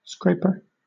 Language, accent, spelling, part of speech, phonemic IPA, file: English, Southern England, scraper, noun, /ˈskɹeɪpə/, LL-Q1860 (eng)-scraper.wav
- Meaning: An instrument with which anything is scraped.: An instrument by which the soles of shoes are cleaned from mud by drawing them across it